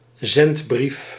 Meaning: 1. open letter, pamphlet written in the style of a letter 2. epistle (ancient (apparent) letter, belonging to a New Testament canon or to the apostolic fathers) 3. missive, official letter
- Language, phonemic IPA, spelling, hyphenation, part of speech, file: Dutch, /ˈzɛnt.brif/, zendbrief, zend‧brief, noun, Nl-zendbrief.ogg